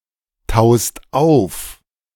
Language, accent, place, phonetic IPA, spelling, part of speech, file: German, Germany, Berlin, [ˌtaʊ̯st ˈaʊ̯f], taust auf, verb, De-taust auf.ogg
- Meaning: second-person singular present of auftauen